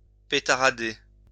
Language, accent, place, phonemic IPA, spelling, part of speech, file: French, France, Lyon, /pe.ta.ʁa.de/, pétarader, verb, LL-Q150 (fra)-pétarader.wav
- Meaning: to backfire